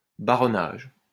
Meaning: baronage (all senses)
- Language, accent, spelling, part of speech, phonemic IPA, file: French, France, baronnage, noun, /ba.ʁɔ.naʒ/, LL-Q150 (fra)-baronnage.wav